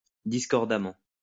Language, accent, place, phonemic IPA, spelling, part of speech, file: French, France, Lyon, /dis.kɔʁ.da.mɑ̃/, discordamment, adverb, LL-Q150 (fra)-discordamment.wav
- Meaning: discordantly